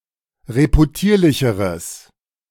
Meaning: strong/mixed nominative/accusative neuter singular comparative degree of reputierlich
- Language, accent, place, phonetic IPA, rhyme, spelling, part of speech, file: German, Germany, Berlin, [ʁepuˈtiːɐ̯lɪçəʁəs], -iːɐ̯lɪçəʁəs, reputierlicheres, adjective, De-reputierlicheres.ogg